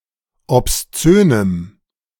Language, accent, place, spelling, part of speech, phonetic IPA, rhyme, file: German, Germany, Berlin, obszönem, adjective, [ɔpsˈt͡søːnəm], -øːnəm, De-obszönem.ogg
- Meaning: strong dative masculine/neuter singular of obszön